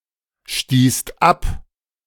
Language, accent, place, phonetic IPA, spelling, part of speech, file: German, Germany, Berlin, [ˌʃtiːst ˈap], stießt ab, verb, De-stießt ab.ogg
- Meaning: second-person singular/plural preterite of abstoßen